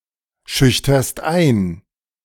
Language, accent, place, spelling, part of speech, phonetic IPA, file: German, Germany, Berlin, schüchterst ein, verb, [ˌʃʏçtɐst ˈaɪ̯n], De-schüchterst ein.ogg
- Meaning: second-person singular present of einschüchtern